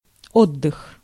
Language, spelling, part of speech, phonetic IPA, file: Russian, отдых, noun, [ˈodːɨx], Ru-отдых.ogg
- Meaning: 1. rest 2. relaxation, respite 3. holiday (in the sense of vacation)